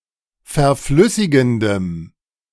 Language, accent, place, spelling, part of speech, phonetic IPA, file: German, Germany, Berlin, verflüssigendem, adjective, [fɛɐ̯ˈflʏsɪɡn̩dəm], De-verflüssigendem.ogg
- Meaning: strong dative masculine/neuter singular of verflüssigend